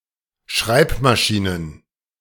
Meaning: plural of Schreibmaschine
- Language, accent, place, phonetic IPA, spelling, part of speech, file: German, Germany, Berlin, [ˈʃʁaɪ̯pmaˌʃiːnən], Schreibmaschinen, noun, De-Schreibmaschinen.ogg